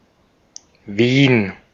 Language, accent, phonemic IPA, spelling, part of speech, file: German, Austria, /viːn/, Wien, proper noun, De-at-Wien.ogg
- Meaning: 1. Vienna (the capital city of Austria) 2. Vienna (a state of Austria) 3. Wien (a river in Austria, flowing through Vienna)